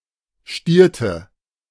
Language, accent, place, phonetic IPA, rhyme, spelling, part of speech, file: German, Germany, Berlin, [ˈʃtiːɐ̯tə], -iːɐ̯tə, stierte, verb, De-stierte.ogg
- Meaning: inflection of stieren: 1. first/third-person singular preterite 2. first/third-person singular subjunctive II